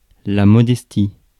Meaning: modesty
- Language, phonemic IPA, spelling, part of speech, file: French, /mɔ.dɛs.ti/, modestie, noun, Fr-modestie.ogg